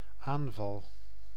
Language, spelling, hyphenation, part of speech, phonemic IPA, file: Dutch, aanval, aan‧val, noun / verb, /ˈaːn.vɑl/, Nl-aanval.ogg
- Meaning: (noun) 1. an act of aggression; assault, attack 2. a sudden convulsion; attack, seizure; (verb) first-person singular dependent-clause present indicative of aanvallen